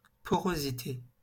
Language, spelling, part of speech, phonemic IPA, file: French, porosité, noun, /pɔ.ʁo.zi.te/, LL-Q150 (fra)-porosité.wav
- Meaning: 1. porosity, porousness 2. permeability